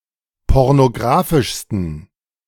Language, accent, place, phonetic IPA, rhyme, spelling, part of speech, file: German, Germany, Berlin, [ˌpɔʁnoˈɡʁaːfɪʃstn̩], -aːfɪʃstn̩, pornographischsten, adjective, De-pornographischsten.ogg
- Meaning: 1. superlative degree of pornographisch 2. inflection of pornographisch: strong genitive masculine/neuter singular superlative degree